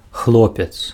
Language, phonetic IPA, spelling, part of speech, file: Belarusian, [ˈxɫopʲet͡s], хлопец, noun, Be-хлопец.ogg
- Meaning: lad, boy